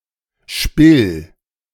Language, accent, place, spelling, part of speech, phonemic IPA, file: German, Germany, Berlin, Spill, noun, /ʃpɪl/, De-Spill.ogg
- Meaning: capstan